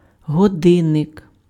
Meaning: clock
- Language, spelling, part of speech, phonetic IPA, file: Ukrainian, годинник, noun, [ɦɔˈdɪnːek], Uk-годинник.ogg